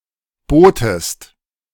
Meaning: inflection of booten: 1. second-person singular present 2. second-person singular subjunctive I
- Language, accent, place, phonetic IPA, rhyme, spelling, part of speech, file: German, Germany, Berlin, [ˈboːtəst], -oːtəst, bootest, verb, De-bootest.ogg